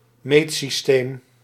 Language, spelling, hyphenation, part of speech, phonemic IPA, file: Dutch, meetsysteem, meet‧sys‧teem, noun, /ˈmeːtsisteːm/, Nl-meetsysteem.ogg
- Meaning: measurement system